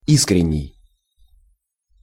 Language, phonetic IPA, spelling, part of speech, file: Russian, [ˈiskrʲɪnʲ(ː)ɪj], искренний, adjective, Ru-искренний.ogg
- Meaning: 1. sincere 2. frank, candid